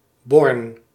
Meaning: a village and former municipality of Sittard-Geleen, Limburg, Netherlands
- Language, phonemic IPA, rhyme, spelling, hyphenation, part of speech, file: Dutch, /bɔrn/, -ɔrn, Born, Born, proper noun, Nl-Born.ogg